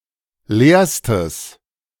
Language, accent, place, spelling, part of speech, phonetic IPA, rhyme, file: German, Germany, Berlin, leerstes, adjective, [ˈleːɐ̯stəs], -eːɐ̯stəs, De-leerstes.ogg
- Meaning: strong/mixed nominative/accusative neuter singular superlative degree of leer